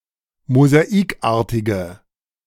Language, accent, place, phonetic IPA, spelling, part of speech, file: German, Germany, Berlin, [mozaˈiːkˌʔaːɐ̯tɪɡə], mosaikartige, adjective, De-mosaikartige.ogg
- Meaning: inflection of mosaikartig: 1. strong/mixed nominative/accusative feminine singular 2. strong nominative/accusative plural 3. weak nominative all-gender singular